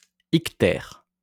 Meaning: jaundice
- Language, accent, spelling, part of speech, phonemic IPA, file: French, France, ictère, noun, /ik.tɛʁ/, LL-Q150 (fra)-ictère.wav